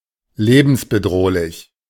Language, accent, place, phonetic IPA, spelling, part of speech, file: German, Germany, Berlin, [ˈleːbn̩sbəˌdʁoːlɪç], lebensbedrohlich, adjective, De-lebensbedrohlich.ogg
- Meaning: life-threatening